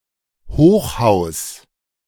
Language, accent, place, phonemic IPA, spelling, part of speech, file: German, Germany, Berlin, /ˈhoːχˌhaʊ̯s/, Hochhaus, noun, De-Hochhaus.ogg
- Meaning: skyscraper, high-rise building (very tall building with a large number of floors)